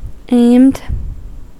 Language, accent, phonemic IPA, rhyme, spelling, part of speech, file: English, US, /eɪmd/, -eɪmd, aimed, verb / adjective, En-us-aimed.ogg
- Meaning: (verb) simple past and past participle of aim; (adjective) Directed towards a target